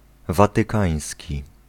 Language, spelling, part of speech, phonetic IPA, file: Polish, watykański, adjective, [ˌvatɨˈkãj̃sʲci], Pl-watykański.ogg